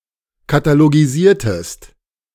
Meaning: inflection of katalogisieren: 1. second-person singular preterite 2. second-person singular subjunctive II
- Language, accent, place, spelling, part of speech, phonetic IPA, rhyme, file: German, Germany, Berlin, katalogisiertest, verb, [kataloɡiˈziːɐ̯təst], -iːɐ̯təst, De-katalogisiertest.ogg